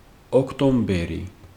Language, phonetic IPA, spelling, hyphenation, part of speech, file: Georgian, [o̞kʰtʼo̞mbe̞ɾi], ოქტომბერი, ოქ‧ტომ‧ბე‧რი, proper noun, Ka-ოქტომბერი.ogg
- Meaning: October